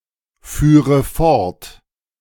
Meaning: first/third-person singular subjunctive II of fortfahren
- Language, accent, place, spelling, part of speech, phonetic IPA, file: German, Germany, Berlin, führe fort, verb, [ˌfyːʁə ˈfɔʁt], De-führe fort.ogg